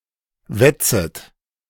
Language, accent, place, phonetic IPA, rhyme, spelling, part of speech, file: German, Germany, Berlin, [ˈvɛt͡sət], -ɛt͡sət, wetzet, verb, De-wetzet.ogg
- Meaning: second-person plural subjunctive I of wetzen